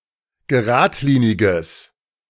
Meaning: strong/mixed nominative/accusative neuter singular of geradlinig
- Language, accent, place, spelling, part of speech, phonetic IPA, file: German, Germany, Berlin, geradliniges, adjective, [ɡəˈʁaːtˌliːnɪɡəs], De-geradliniges.ogg